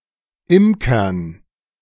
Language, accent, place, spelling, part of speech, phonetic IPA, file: German, Germany, Berlin, Imkern, noun, [ˈɪmkɐn], De-Imkern.ogg
- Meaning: dative plural of Imker